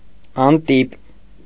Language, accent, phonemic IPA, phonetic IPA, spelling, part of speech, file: Armenian, Eastern Armenian, /ɑnˈtip/, [ɑntíp], անտիպ, adjective, Hy-անտիպ.ogg
- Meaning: unprinted, unpublished (still in manuscript form)